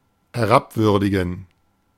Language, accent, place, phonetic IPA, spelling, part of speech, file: German, Germany, Berlin, [hɛˈʁapˌvʏʁdɪɡn̩], herabwürdigen, verb, De-herabwürdigen.ogg
- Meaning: to disparage, to vilify